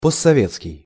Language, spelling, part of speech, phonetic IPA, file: Russian, постсоветский, adjective, [pəst͡ssɐˈvʲet͡skʲɪj], Ru-постсоветский.ogg
- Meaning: 1. post-Soviet (after the dissolution of the Soviet Union) 2. post-Soviet (relating to countries which were formerly part of the Soviet Union)